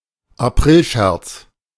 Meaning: April fool (practical joke played on April Fools' Day)
- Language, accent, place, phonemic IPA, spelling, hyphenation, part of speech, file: German, Germany, Berlin, /aˈpʁɪlˌʃɛʁt͡s/, Aprilscherz, Ap‧ril‧scherz, noun, De-Aprilscherz.ogg